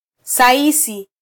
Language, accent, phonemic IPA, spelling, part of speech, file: Swahili, Kenya, /sɑˈi.si/, saisi, noun, Sw-ke-saisi.flac
- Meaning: a groom (person who cares for horses or other animals)